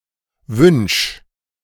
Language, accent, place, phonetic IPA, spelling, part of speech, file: German, Germany, Berlin, [vʏnʃ], wünsch, verb, De-wünsch.ogg
- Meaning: inflection of wünschen: 1. first-person singular indicative active 2. singular imperative